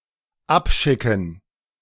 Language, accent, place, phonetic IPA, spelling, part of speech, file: German, Germany, Berlin, [ˈapˌʃɪkn̩], abschicken, verb, De-abschicken.ogg
- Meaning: to submit; to send, send off